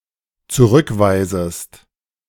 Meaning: second-person singular dependent subjunctive I of zurückweisen
- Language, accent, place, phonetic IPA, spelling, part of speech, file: German, Germany, Berlin, [t͡suˈʁʏkˌvaɪ̯zəst], zurückweisest, verb, De-zurückweisest.ogg